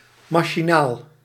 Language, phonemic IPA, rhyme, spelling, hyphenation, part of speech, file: Dutch, /ˌmaː.ʃiˈnaːl/, -aːl, machinaal, ma‧chi‧naal, adjective / adverb, Nl-machinaal.ogg
- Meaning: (adjective) mechanical; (adverb) mechanically, by means of a machine